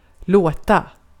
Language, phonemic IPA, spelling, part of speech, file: Swedish, /²loːta/, låta, verb, Sv-låta.ogg
- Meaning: 1. to make sound 2. to sound; to seem; to appear 3. to allow; to let